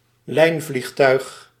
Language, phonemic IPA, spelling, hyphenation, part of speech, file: Dutch, /ˈlɛi̯n.vlixˌtœy̯x/, lijnvliegtuig, lijn‧vlieg‧tuig, noun, Nl-lijnvliegtuig.ogg
- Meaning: an airliner, an aeroplane flying a scheduled flight